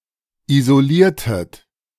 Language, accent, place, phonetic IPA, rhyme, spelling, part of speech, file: German, Germany, Berlin, [izoˈliːɐ̯tət], -iːɐ̯tət, isoliertet, verb, De-isoliertet.ogg
- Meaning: inflection of isolieren: 1. second-person plural preterite 2. second-person plural subjunctive II